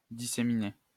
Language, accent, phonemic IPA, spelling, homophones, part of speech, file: French, France, /di.se.mi.ne/, disséminer, disséminai / disséminé / disséminée / disséminées / disséminés / disséminez, verb, LL-Q150 (fra)-disséminer.wav
- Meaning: to disseminate, scatter, disperse